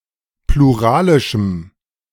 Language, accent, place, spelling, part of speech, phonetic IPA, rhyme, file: German, Germany, Berlin, pluralischem, adjective, [pluˈʁaːlɪʃm̩], -aːlɪʃm̩, De-pluralischem.ogg
- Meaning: strong dative masculine/neuter singular of pluralisch